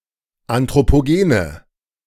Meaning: inflection of anthropogen: 1. strong/mixed nominative/accusative feminine singular 2. strong nominative/accusative plural 3. weak nominative all-gender singular
- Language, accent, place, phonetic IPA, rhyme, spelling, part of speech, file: German, Germany, Berlin, [ˌantʁopoˈɡeːnə], -eːnə, anthropogene, adjective, De-anthropogene.ogg